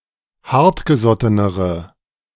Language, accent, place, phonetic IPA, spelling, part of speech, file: German, Germany, Berlin, [ˈhaʁtɡəˌzɔtənəʁə], hartgesottenere, adjective, De-hartgesottenere.ogg
- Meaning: inflection of hartgesotten: 1. strong/mixed nominative/accusative feminine singular comparative degree 2. strong nominative/accusative plural comparative degree